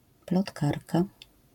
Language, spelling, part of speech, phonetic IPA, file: Polish, plotkarka, noun, [plɔtˈkarka], LL-Q809 (pol)-plotkarka.wav